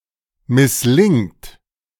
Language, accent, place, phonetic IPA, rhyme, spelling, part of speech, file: German, Germany, Berlin, [mɪsˈlɪŋt], -ɪŋt, misslingt, verb, De-misslingt.ogg
- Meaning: inflection of misslingen: 1. third-person singular present 2. second-person plural present 3. plural imperative